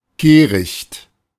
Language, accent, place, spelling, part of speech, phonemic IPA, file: German, Germany, Berlin, Kehricht, noun, /ˈkeːrɪçt/, De-Kehricht.ogg
- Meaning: 1. dust, grime, soil spreading the ground in a flat fashion and attainable by the besom 2. garbage, trash in general